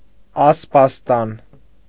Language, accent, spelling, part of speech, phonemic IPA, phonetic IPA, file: Armenian, Eastern Armenian, ասպաստան, noun, /ɑspɑsˈtɑn/, [ɑspɑstɑ́n], Hy-ասպաստան.ogg
- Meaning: stable (for horses)